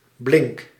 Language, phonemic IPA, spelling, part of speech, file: Dutch, /blɪŋk/, blink, verb, Nl-blink.ogg
- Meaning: inflection of blinken: 1. first-person singular present indicative 2. second-person singular present indicative 3. imperative